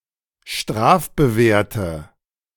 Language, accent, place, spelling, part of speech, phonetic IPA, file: German, Germany, Berlin, strafbewehrte, adjective, [ˈʃtʁaːfbəˌveːɐ̯tə], De-strafbewehrte.ogg
- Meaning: inflection of strafbewehrt: 1. strong/mixed nominative/accusative feminine singular 2. strong nominative/accusative plural 3. weak nominative all-gender singular